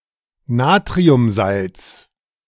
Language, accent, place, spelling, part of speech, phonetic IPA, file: German, Germany, Berlin, Natriumsalz, noun, [ˈnaːtʁiʊmˌzalt͡s], De-Natriumsalz.ogg
- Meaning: sodium salt